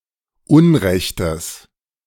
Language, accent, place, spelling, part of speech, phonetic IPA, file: German, Germany, Berlin, unrechtes, adjective, [ˈʊnˌʁɛçtəs], De-unrechtes.ogg
- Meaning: strong/mixed nominative/accusative neuter singular of unrecht